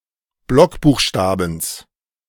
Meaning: genitive singular of Blockbuchstabe
- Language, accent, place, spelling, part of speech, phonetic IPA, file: German, Germany, Berlin, Blockbuchstabens, noun, [ˈblɔkbuːxˌʃtaːbn̩s], De-Blockbuchstabens.ogg